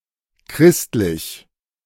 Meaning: 1. Christian 2. fair, acceptable, not too harsh or unusual
- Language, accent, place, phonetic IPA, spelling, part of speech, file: German, Germany, Berlin, [ˈkʁɪstlɪç], christlich, adjective, De-christlich.ogg